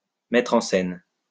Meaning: 1. to set up a stage or a studio 2. to set the scene (in a work of fiction)
- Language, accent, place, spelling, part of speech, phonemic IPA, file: French, France, Lyon, mettre en scène, verb, /mɛ.tʁ‿ɑ̃ sɛn/, LL-Q150 (fra)-mettre en scène.wav